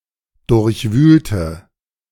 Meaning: inflection of durchwühlen: 1. first/third-person singular preterite 2. first/third-person singular subjunctive II
- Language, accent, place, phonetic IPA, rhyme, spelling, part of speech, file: German, Germany, Berlin, [ˌdʊʁçˈvyːltə], -yːltə, durchwühlte, adjective / verb, De-durchwühlte.ogg